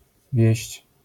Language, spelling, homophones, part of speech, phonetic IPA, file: Polish, wieść, wieźć, noun / verb, [vʲjɛ̇ɕt͡ɕ], LL-Q809 (pol)-wieść.wav